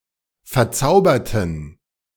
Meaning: inflection of verzaubern: 1. first/third-person plural preterite 2. first/third-person plural subjunctive II
- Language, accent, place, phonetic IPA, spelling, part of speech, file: German, Germany, Berlin, [fɛɐ̯ˈt͡saʊ̯bɐtn̩], verzauberten, adjective / verb, De-verzauberten.ogg